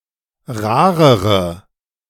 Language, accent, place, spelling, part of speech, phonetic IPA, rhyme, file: German, Germany, Berlin, rarere, adjective, [ˈʁaːʁəʁə], -aːʁəʁə, De-rarere.ogg
- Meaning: inflection of rar: 1. strong/mixed nominative/accusative feminine singular comparative degree 2. strong nominative/accusative plural comparative degree